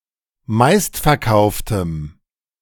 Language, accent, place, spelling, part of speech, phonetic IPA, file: German, Germany, Berlin, meistverkauftem, adjective, [ˈmaɪ̯stfɛɐ̯ˌkaʊ̯ftəm], De-meistverkauftem.ogg
- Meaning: strong dative masculine/neuter singular of meistverkauft